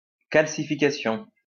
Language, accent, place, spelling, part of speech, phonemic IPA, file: French, France, Lyon, calcification, noun, /kal.si.fi.ka.sjɔ̃/, LL-Q150 (fra)-calcification.wav
- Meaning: calcification